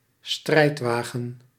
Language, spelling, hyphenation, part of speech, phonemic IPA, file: Dutch, strijdwagen, strijd‧wa‧gen, noun, /ˈstrɛi̯tˌʋaː.ɣə(n)/, Nl-strijdwagen.ogg
- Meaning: chariot